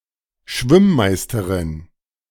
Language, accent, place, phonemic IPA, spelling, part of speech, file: German, Germany, Berlin, /ˈʃvɪmˌmaɪ̯stəʁɪn/, Schwimm-Meisterin, noun, De-Schwimm-Meisterin.ogg
- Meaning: female equivalent of Schwimm-Meister (“mocker”)